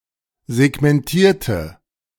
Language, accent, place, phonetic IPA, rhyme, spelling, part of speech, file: German, Germany, Berlin, [zɛɡmɛnˈtiːɐ̯tə], -iːɐ̯tə, segmentierte, adjective / verb, De-segmentierte.ogg
- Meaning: inflection of segmentieren: 1. first/third-person singular preterite 2. first/third-person singular subjunctive II